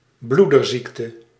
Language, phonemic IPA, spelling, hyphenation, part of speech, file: Dutch, /ˈblu.dərˌzik.tə/, bloederziekte, bloe‧der‧ziek‧te, noun, Nl-bloederziekte.ogg
- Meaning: haemophilia